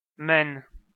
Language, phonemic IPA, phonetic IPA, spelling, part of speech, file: Armenian, /men/, [men], մեն, noun / adjective, Hy-մեն.ogg
- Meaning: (noun) the name of the Armenian letter մ (m); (adjective) 1. one, only, sole 2. each